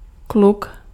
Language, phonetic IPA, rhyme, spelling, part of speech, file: Czech, [ˈkluk], -uk, kluk, noun, Cs-kluk.ogg
- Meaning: 1. boy 2. boyfriend 3. jack (playing card)